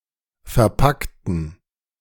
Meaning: inflection of verpacken: 1. first/third-person plural preterite 2. first/third-person plural subjunctive II
- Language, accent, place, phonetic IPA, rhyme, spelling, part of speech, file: German, Germany, Berlin, [fɛɐ̯ˈpaktn̩], -aktn̩, verpackten, adjective / verb, De-verpackten.ogg